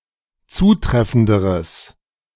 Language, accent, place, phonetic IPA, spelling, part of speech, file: German, Germany, Berlin, [ˈt͡suːˌtʁɛfn̩dəʁəs], zutreffenderes, adjective, De-zutreffenderes.ogg
- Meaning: strong/mixed nominative/accusative neuter singular comparative degree of zutreffend